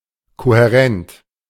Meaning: coherent
- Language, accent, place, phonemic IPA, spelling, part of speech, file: German, Germany, Berlin, /kohɛˈʁɛnt/, kohärent, adjective, De-kohärent.ogg